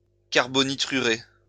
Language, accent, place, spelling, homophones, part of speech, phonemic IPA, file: French, France, Lyon, carbonitrurer, carbonitrurai / carbonitruré / carbonitrurée / carbonitrurées / carbonitrurés / carbonitrurez, verb, /kaʁ.bɔ.ni.tʁy.ʁe/, LL-Q150 (fra)-carbonitrurer.wav
- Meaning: to carbonitride